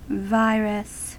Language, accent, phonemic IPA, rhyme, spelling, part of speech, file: English, US, /ˈvaɪ.ɹəs/, -aɪɹəs, virus, noun / verb, En-us-virus.ogg